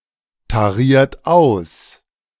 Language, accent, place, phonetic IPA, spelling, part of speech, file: German, Germany, Berlin, [taˌʁiːɐ̯t ˈaʊ̯s], tariert aus, verb, De-tariert aus.ogg
- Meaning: inflection of austarieren: 1. third-person singular present 2. second-person plural present 3. plural imperative